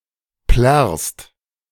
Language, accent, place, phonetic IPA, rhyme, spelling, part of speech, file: German, Germany, Berlin, [plɛʁst], -ɛʁst, plärrst, verb, De-plärrst.ogg
- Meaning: second-person singular present of plärren